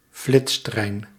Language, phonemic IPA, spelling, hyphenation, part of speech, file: Dutch, /ˈflɪts.trɛi̯n/, flitstrein, flits‧trein, noun, Nl-flitstrein.ogg
- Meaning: high-speed train